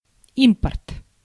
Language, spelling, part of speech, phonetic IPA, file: Russian, импорт, noun, [ˈimpərt], Ru-импорт.ogg
- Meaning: import